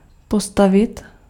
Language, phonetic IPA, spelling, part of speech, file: Czech, [ˈpostavɪt], postavit, verb, Cs-postavit.ogg
- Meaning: 1. to stand, put 2. to stand up, set upright 3. to build 4. to stand up 5. to defy, oppose 6. to put (a question etc in a specific manner)